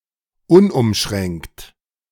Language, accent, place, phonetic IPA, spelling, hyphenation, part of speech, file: German, Germany, Berlin, [ˈʊnʔʊmˌʃʁɛŋkt], unumschränkt, un‧um‧schränkt, adjective, De-unumschränkt.ogg
- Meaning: unlimited, unrestrictive